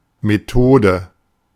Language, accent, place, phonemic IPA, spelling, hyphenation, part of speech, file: German, Germany, Berlin, /meˈtoːdə/, Methode, Me‧tho‧de, noun, De-Methode.ogg
- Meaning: 1. manner 2. approach 3. technique 4. method (process by which a task is completed) 5. method (subroutine or function in object-oriented languages)